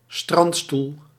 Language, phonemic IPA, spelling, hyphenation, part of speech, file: Dutch, /ˈstrɑnt.stul/, strandstoel, strand‧stoel, noun, Nl-strandstoel.ogg
- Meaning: beach chair